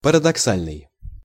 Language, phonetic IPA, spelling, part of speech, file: Russian, [pərədɐkˈsalʲnɨj], парадоксальный, adjective, Ru-парадоксальный.ogg
- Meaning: paradoxical